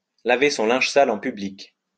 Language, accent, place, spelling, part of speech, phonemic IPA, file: French, France, Lyon, laver son linge sale en public, verb, /la.ve sɔ̃ lɛ̃ʒ sa.l‿ɑ̃ py.blik/, LL-Q150 (fra)-laver son linge sale en public.wav
- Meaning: to air one's dirty laundry in public, to wash one's dirty linen in public